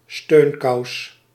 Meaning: compression stocking
- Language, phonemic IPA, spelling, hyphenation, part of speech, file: Dutch, /ˈstøːn.kɑu̯s/, steunkous, steun‧kous, noun, Nl-steunkous.ogg